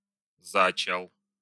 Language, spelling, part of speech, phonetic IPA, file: Russian, зачал, verb, [zɐˈt͡ɕaɫ], Ru-за́чал.ogg
- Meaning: masculine singular past indicative perfective of зача́ть (začátʹ)